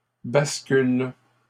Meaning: second-person singular present indicative/subjunctive of basculer
- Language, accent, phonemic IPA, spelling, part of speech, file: French, Canada, /bas.kyl/, bascules, verb, LL-Q150 (fra)-bascules.wav